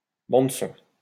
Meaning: soundtrack
- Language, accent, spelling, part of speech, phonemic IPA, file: French, France, bande-son, noun, /bɑ̃d.sɔ̃/, LL-Q150 (fra)-bande-son.wav